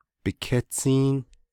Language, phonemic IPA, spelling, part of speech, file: Navajo, /pɪ̀kʰɛ́t͡sʰíːn/, bikétsíín, noun, Nv-bikétsíín.ogg
- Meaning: his/her/its/their ankle